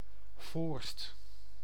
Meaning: 1. Voorst (a village and municipality of Gelderland, Netherlands) 2. a hamlet in Oude IJsselstreek, Gelderland, Netherlands 3. a hamlet in Roerdalen, Limburg, Netherlands
- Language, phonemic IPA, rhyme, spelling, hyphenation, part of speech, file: Dutch, /voːrst/, -oːrst, Voorst, Voorst, proper noun, Nl-Voorst.ogg